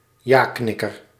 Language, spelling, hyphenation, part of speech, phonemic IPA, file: Dutch, jaknikker, ja‧knik‧ker, noun, /ˈjaːˌknɪkər/, Nl-jaknikker.ogg
- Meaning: 1. yes man, one who habitually and uncritically agrees with anybody 2. pumpjack